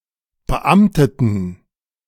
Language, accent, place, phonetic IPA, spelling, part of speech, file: German, Germany, Berlin, [bəˈʔamtətn̩], beamteten, adjective, De-beamteten.ogg
- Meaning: inflection of beamtet: 1. strong genitive masculine/neuter singular 2. weak/mixed genitive/dative all-gender singular 3. strong/weak/mixed accusative masculine singular 4. strong dative plural